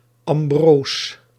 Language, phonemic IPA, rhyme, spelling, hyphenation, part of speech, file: Dutch, /ɑmˈbroːs/, -oːs, ambroos, am‧broos, noun, Nl-ambroos.ogg
- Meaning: obsolete form of ambrozijn (“ambrosia, divine food”)